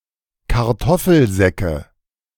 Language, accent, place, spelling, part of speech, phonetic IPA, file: German, Germany, Berlin, Kartoffelsäcke, noun, [kaʁˈtɔfl̩ˌzɛkə], De-Kartoffelsäcke.ogg
- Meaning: nominative/accusative/genitive plural of Kartoffelsack